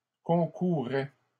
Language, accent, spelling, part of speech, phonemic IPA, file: French, Canada, concourais, verb, /kɔ̃.ku.ʁɛ/, LL-Q150 (fra)-concourais.wav
- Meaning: first/second-person singular imperfect indicative of concourir